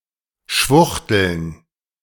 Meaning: plural of Schwuchtel
- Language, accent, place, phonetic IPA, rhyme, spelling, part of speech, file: German, Germany, Berlin, [ˈʃvʊxtl̩n], -ʊxtl̩n, Schwuchteln, noun, De-Schwuchteln.ogg